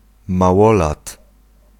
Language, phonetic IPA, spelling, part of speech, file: Polish, [maˈwɔlat], małolat, noun, Pl-małolat.ogg